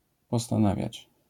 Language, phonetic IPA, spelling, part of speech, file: Polish, [ˌpɔstãˈnavʲjät͡ɕ], postanawiać, verb, LL-Q809 (pol)-postanawiać.wav